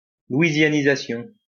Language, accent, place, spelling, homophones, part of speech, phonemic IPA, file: French, France, Lyon, louisianisation, louisianisations, noun, /lwi.zja.ni.za.sjɔ̃/, LL-Q150 (fra)-louisianisation.wav
- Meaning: The act or process of making Louisianan; to adapt to the custom, culture, or style of Louisiana